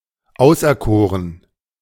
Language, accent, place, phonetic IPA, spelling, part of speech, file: German, Germany, Berlin, [ˈaʊ̯sʔɛɐ̯ˌkoːʁən], auserkoren, verb, De-auserkoren.ogg
- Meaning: 1. past participle of auserkiesen 2. first/third-person plural dependent preterite of auserkiesen